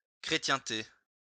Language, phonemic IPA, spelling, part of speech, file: French, /kʁe.tjɛ̃.te/, chrétienté, noun, LL-Q150 (fra)-chrétienté.wav
- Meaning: 1. Christendom 2. Christian community, Christian congregation